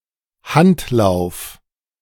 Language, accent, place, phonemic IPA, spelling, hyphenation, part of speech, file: German, Germany, Berlin, /ˈhantˌlaʊ̯f/, Handlauf, Hand‧lauf, noun, De-Handlauf.ogg
- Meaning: hand railing